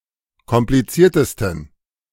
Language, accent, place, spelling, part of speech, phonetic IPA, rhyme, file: German, Germany, Berlin, kompliziertesten, adjective, [kɔmpliˈt͡siːɐ̯təstn̩], -iːɐ̯təstn̩, De-kompliziertesten.ogg
- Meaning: 1. superlative degree of kompliziert 2. inflection of kompliziert: strong genitive masculine/neuter singular superlative degree